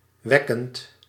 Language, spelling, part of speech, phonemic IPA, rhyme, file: Dutch, wekkend, verb, /ˈʋɛ.kənt/, -ɛkənt, Nl-wekkend.ogg
- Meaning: present participle of wekken